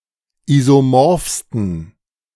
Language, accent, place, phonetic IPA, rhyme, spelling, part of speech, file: German, Germany, Berlin, [ˌizoˈmɔʁfstn̩], -ɔʁfstn̩, isomorphsten, adjective, De-isomorphsten.ogg
- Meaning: 1. superlative degree of isomorph 2. inflection of isomorph: strong genitive masculine/neuter singular superlative degree